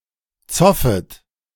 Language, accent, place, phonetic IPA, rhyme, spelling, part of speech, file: German, Germany, Berlin, [ˈt͡sɔfət], -ɔfət, zoffet, verb, De-zoffet.ogg
- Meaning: second-person plural subjunctive I of zoffen